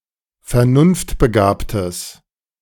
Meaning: strong/mixed nominative/accusative neuter singular of vernunftbegabt
- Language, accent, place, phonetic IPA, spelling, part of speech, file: German, Germany, Berlin, [fɛɐ̯ˈnʊnftbəˌɡaːptəs], vernunftbegabtes, adjective, De-vernunftbegabtes.ogg